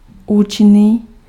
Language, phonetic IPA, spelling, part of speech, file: Czech, [ˈuːt͡ʃɪniː], účinný, adjective, Cs-účinný.ogg
- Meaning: efficient